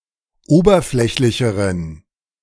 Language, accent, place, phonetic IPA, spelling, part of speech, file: German, Germany, Berlin, [ˈoːbɐˌflɛçlɪçəʁən], oberflächlicheren, adjective, De-oberflächlicheren.ogg
- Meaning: inflection of oberflächlich: 1. strong genitive masculine/neuter singular comparative degree 2. weak/mixed genitive/dative all-gender singular comparative degree